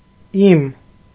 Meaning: my
- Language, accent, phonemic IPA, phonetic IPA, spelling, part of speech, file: Armenian, Eastern Armenian, /im/, [im], իմ, pronoun, Hy-իմ.ogg